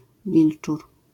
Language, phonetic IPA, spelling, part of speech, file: Polish, [ˈvʲilt͡ʃur], wilczur, noun, LL-Q809 (pol)-wilczur.wav